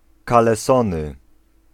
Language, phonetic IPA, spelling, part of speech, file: Polish, [ˌkalɛˈsɔ̃nɨ], kalesony, noun, Pl-kalesony.ogg